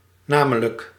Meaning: 1. namely 2. Used to indicate that a statement explains an earlier one 3. especially, in particular
- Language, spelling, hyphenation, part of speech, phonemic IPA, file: Dutch, namelijk, na‧me‧lijk, adverb, /ˈnaː.mə.lək/, Nl-namelijk.ogg